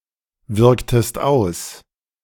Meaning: inflection of auswirken: 1. second-person singular preterite 2. second-person singular subjunctive II
- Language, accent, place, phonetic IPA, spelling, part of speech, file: German, Germany, Berlin, [ˌvɪʁktəst ˈaʊ̯s], wirktest aus, verb, De-wirktest aus.ogg